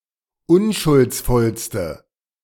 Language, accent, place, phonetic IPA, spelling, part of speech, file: German, Germany, Berlin, [ˈʊnʃʊlt͡sˌfɔlstə], unschuldsvollste, adjective, De-unschuldsvollste.ogg
- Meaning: inflection of unschuldsvoll: 1. strong/mixed nominative/accusative feminine singular superlative degree 2. strong nominative/accusative plural superlative degree